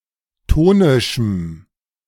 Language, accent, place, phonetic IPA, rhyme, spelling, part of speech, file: German, Germany, Berlin, [ˈtoːnɪʃm̩], -oːnɪʃm̩, tonischem, adjective, De-tonischem.ogg
- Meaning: strong dative masculine/neuter singular of tonisch